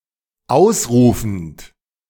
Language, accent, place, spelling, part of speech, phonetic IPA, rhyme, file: German, Germany, Berlin, ausrufend, verb, [ˈaʊ̯sˌʁuːfn̩t], -aʊ̯sʁuːfn̩t, De-ausrufend.ogg
- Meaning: present participle of ausrufen